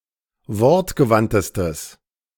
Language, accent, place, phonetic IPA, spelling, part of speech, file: German, Germany, Berlin, [ˈvɔʁtɡəˌvantəstəs], wortgewandtestes, adjective, De-wortgewandtestes.ogg
- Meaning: strong/mixed nominative/accusative neuter singular superlative degree of wortgewandt